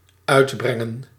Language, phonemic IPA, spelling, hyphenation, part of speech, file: Dutch, /ˈœy̯tˌbrɛŋə(n)/, uitbrengen, uit‧bren‧gen, verb, Nl-uitbrengen.ogg
- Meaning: 1. to bring out – e.g. the vote 2. to release – e.g. a record 3. to utter – e.g. a word